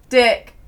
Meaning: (noun) 1. A male person 2. The penis 3. A contemptible or obnoxious person; a jerk; traditionally, especially, a male jerk 4. Absolutely nothing 5. Sexual intercourse with a man
- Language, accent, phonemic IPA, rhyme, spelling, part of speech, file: English, UK, /dɪk/, -ɪk, dick, noun / verb / numeral, En-uk-dick.ogg